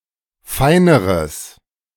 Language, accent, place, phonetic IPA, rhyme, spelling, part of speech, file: German, Germany, Berlin, [ˈfaɪ̯nəʁəs], -aɪ̯nəʁəs, feineres, adjective, De-feineres.ogg
- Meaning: strong/mixed nominative/accusative neuter singular comparative degree of fein